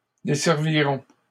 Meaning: first-person plural simple future of desservir
- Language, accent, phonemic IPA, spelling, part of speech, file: French, Canada, /de.sɛʁ.vi.ʁɔ̃/, desservirons, verb, LL-Q150 (fra)-desservirons.wav